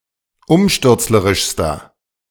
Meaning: inflection of umstürzlerisch: 1. strong/mixed nominative masculine singular superlative degree 2. strong genitive/dative feminine singular superlative degree
- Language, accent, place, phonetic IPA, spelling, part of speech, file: German, Germany, Berlin, [ˈʊmʃtʏʁt͡sləʁɪʃstɐ], umstürzlerischster, adjective, De-umstürzlerischster.ogg